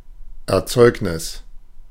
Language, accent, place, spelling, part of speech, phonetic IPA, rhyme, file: German, Germany, Berlin, Erzeugnis, noun, [ɛɐ̯ˈt͡sɔɪ̯knɪs], -ɔɪ̯knɪs, De-Erzeugnis.ogg
- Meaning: product, manufacture, commodity, produce